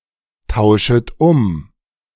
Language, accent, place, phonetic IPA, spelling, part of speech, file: German, Germany, Berlin, [ˌtaʊ̯ʃət ˈʊm], tauschet um, verb, De-tauschet um.ogg
- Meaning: second-person plural subjunctive I of umtauschen